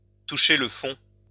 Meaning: 1. to hit rock bottom, to hit the rocks, to bottom out 2. to sink to a new low
- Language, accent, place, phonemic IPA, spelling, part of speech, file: French, France, Lyon, /tu.ʃe l(ə) fɔ̃/, toucher le fond, verb, LL-Q150 (fra)-toucher le fond.wav